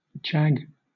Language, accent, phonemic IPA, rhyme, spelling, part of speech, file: English, Southern England, /d͡ʒæɡ/, -æɡ, jag, noun / verb, LL-Q1860 (eng)-jag.wav
- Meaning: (noun) 1. A sharp projection 2. A part broken off; a fragment 3. A flap, a tear in a clothing 4. A cleft or division 5. A medical injection, a jab 6. A thorn from a bush (see jaggerbush)